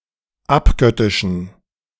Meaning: inflection of abgöttisch: 1. strong genitive masculine/neuter singular 2. weak/mixed genitive/dative all-gender singular 3. strong/weak/mixed accusative masculine singular 4. strong dative plural
- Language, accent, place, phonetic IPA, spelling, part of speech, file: German, Germany, Berlin, [ˈapˌɡœtɪʃn̩], abgöttischen, adjective, De-abgöttischen.ogg